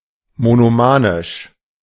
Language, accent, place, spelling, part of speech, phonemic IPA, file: German, Germany, Berlin, monomanisch, adjective, /monoˈmaːnɪʃ/, De-monomanisch.ogg
- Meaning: monomaniac